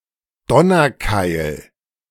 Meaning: thunderbolt
- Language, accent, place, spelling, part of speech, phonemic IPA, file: German, Germany, Berlin, Donnerkeil, noun, /ˈdɔnɐːkaɪ̯l/, De-Donnerkeil.ogg